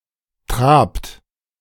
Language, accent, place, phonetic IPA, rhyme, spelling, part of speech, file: German, Germany, Berlin, [tʁaːpt], -aːpt, trabt, verb, De-trabt.ogg
- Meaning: inflection of traben: 1. second-person plural present 2. third-person singular present 3. plural imperative